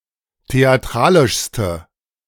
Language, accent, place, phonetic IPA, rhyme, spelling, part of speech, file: German, Germany, Berlin, [teaˈtʁaːlɪʃstə], -aːlɪʃstə, theatralischste, adjective, De-theatralischste.ogg
- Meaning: inflection of theatralisch: 1. strong/mixed nominative/accusative feminine singular superlative degree 2. strong nominative/accusative plural superlative degree